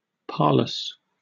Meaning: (adjective) 1. Attended with peril; dangerous, risky 2. Appalling, dire, terrible 3. Dangerously clever or cunning; also, remarkably good or unusual; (adverb) Extremely, very
- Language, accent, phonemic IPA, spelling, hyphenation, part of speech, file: English, UK, /ˈpɑːləs/, parlous, parl‧ous, adjective / adverb, En-uk-parlous.oga